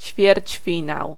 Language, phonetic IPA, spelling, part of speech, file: Polish, [t͡ɕfʲjɛrʲt͡ɕˈfʲĩnaw], ćwierćfinał, noun, Pl-ćwierćfinał.ogg